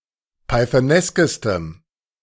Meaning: strong dative masculine/neuter singular superlative degree of pythonesk
- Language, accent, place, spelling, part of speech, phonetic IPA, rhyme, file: German, Germany, Berlin, pythoneskestem, adjective, [paɪ̯θəˈnɛskəstəm], -ɛskəstəm, De-pythoneskestem.ogg